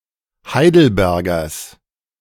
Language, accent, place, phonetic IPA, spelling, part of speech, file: German, Germany, Berlin, [ˈhaɪ̯dl̩ˌbɛʁɡɐs], Heidelbergers, noun, De-Heidelbergers.ogg
- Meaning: genitive singular of Heidelberger